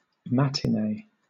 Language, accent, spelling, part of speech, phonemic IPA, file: English, Southern England, matinee, noun / verb, /ˈmætɪˌneɪ/, LL-Q1860 (eng)-matinee.wav
- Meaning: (noun) 1. A showing of a movie, sporting event, or theatrical performance in the morning or afternoon 2. A woman's dress to be worn in the morning or before dinner